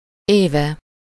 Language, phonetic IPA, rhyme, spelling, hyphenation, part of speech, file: Hungarian, [ˈeːvɛ], -vɛ, éve, éve, noun / verb, Hu-éve.ogg
- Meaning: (noun) third-person singular single-possession possessive of év; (verb) adverbial participle of eszik